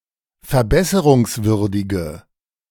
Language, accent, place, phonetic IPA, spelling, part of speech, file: German, Germany, Berlin, [fɛɐ̯ˈbɛsəʁʊŋsˌvʏʁdɪɡə], verbesserungswürdige, adjective, De-verbesserungswürdige.ogg
- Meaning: inflection of verbesserungswürdig: 1. strong/mixed nominative/accusative feminine singular 2. strong nominative/accusative plural 3. weak nominative all-gender singular